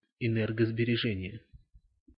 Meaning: power saving, energy saving, economical power consumption
- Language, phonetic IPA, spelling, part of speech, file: Russian, [ɪˌnɛrɡəzbʲɪrʲɪˈʐɛnʲɪje], энергосбережение, noun, Ru-энергосбережение.ogg